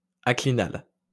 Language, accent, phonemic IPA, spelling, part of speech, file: French, France, /a.kli.nal/, aclinal, adjective, LL-Q150 (fra)-aclinal.wav
- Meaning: aclinal